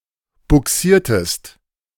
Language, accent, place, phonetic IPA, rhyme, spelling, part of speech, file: German, Germany, Berlin, [bʊˈksiːɐ̯təst], -iːɐ̯təst, bugsiertest, verb, De-bugsiertest.ogg
- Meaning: inflection of bugsieren: 1. second-person singular preterite 2. second-person singular subjunctive II